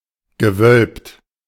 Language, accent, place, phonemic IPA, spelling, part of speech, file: German, Germany, Berlin, /ɡəˈvœlpt/, gewölbt, verb / adjective, De-gewölbt.ogg
- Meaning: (verb) past participle of wölben; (adjective) 1. vaulted 2. convex